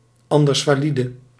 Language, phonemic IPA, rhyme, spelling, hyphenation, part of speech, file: Dutch, /ˌɑn.dərs.faːˈli.də/, -idə, andersvalide, an‧ders‧va‧li‧de, noun / adjective, Nl-andersvalide.ogg
- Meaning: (noun) handicapped person; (adjective) disabled, handicapped, differently able